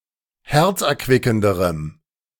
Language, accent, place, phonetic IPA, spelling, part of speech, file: German, Germany, Berlin, [ˈhɛʁt͡sʔɛɐ̯ˌkvɪkn̩dəʁəm], herzerquickenderem, adjective, De-herzerquickenderem.ogg
- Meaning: strong dative masculine/neuter singular comparative degree of herzerquickend